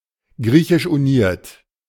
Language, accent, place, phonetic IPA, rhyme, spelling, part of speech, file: German, Germany, Berlin, [ˈɡʁiːçɪʃʔuˈniːɐ̯t], -iːɐ̯t, griechisch-uniert, adjective, De-griechisch-uniert.ogg
- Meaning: synonym of griechisch-katholisch